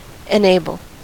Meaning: 1. To make somebody able (to do, or to be, something); to give sufficient ability or power to do or to be; to give strength or ability to 2. To affirm; to make firm and strong
- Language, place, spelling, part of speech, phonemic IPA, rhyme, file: English, California, enable, verb, /ɪˈneɪ.bəl/, -eɪbəl, En-us-enable.ogg